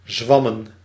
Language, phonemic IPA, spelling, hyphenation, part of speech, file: Dutch, /ˈzʋɑ.mə(n)/, zwammen, zwam‧men, verb / noun, Nl-zwammen.ogg
- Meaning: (verb) 1. to babble, talk a lot but say little 2. to nag, talk on and on ad nauseam; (noun) plural of zwam